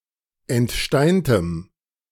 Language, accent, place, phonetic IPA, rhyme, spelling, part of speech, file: German, Germany, Berlin, [ɛntˈʃtaɪ̯ntəm], -aɪ̯ntəm, entsteintem, adjective, De-entsteintem.ogg
- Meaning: strong dative masculine/neuter singular of entsteint